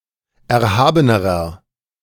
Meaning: inflection of erhaben: 1. strong/mixed nominative masculine singular comparative degree 2. strong genitive/dative feminine singular comparative degree 3. strong genitive plural comparative degree
- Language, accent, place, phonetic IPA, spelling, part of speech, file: German, Germany, Berlin, [ˌɛɐ̯ˈhaːbənəʁɐ], erhabenerer, adjective, De-erhabenerer.ogg